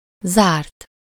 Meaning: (verb) 1. third-person singular indicative past indefinite of zár 2. past participle of zár; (adjective) closed (not open)
- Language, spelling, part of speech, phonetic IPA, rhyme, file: Hungarian, zárt, verb / adjective, [ˈzaːrt], -aːrt, Hu-zárt.ogg